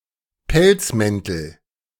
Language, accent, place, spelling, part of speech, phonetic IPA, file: German, Germany, Berlin, Pelzmäntel, noun, [ˈpɛlt͡sˌmɛntl̩], De-Pelzmäntel.ogg
- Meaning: nominative/accusative/genitive plural of Pelzmantel